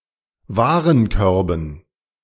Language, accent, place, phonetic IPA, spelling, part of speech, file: German, Germany, Berlin, [ˈvaːʁənˌkœʁbn̩], Warenkörben, noun, De-Warenkörben.ogg
- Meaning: dative plural of Warenkorb